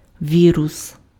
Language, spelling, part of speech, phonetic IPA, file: Ukrainian, вірус, noun, [ˈʋʲirʊs], Uk-вірус.ogg
- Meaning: 1. virus (DNA/RNA causing disease) 2. computer virus